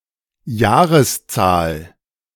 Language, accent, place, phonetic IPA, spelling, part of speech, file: German, Germany, Berlin, [ˈjaːʁəsˌt͡saːl], Jahreszahl, noun, De-Jahreszahl.ogg
- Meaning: date (of the year)